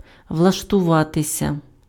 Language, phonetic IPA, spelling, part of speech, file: Ukrainian, [wɫɐʃtʊˈʋatesʲɐ], влаштуватися, verb, Uk-влаштуватися.ogg
- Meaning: passive of влаштува́ти pf (vlaštuváty)